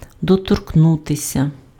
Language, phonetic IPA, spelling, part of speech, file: Ukrainian, [dɔtorkˈnutesʲɐ], доторкнутися, verb, Uk-доторкнутися.ogg
- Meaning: to touch